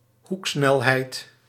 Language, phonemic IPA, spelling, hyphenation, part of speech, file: Dutch, /ˈɦuk.snɛlˌɦɛi̯t/, hoeksnelheid, hoek‧snel‧heid, noun, Nl-hoeksnelheid.ogg
- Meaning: angular velocity